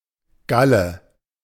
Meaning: 1. bile, gall 2. gallbladder 3. abnormal swelling 4. gall (like that caused by the gall wasp)
- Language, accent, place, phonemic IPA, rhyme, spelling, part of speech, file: German, Germany, Berlin, /ˈɡalə/, -alə, Galle, noun, De-Galle.ogg